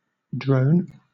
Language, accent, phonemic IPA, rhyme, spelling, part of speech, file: English, Southern England, /dɹəʊn/, -əʊn, drone, noun / verb, LL-Q1860 (eng)-drone.wav
- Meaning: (noun) 1. A male hymenopteran (ant, bee, hornet, or wasp), whose sole primary function is to mate with the queen 2. One who does not work; a lazy person, an idler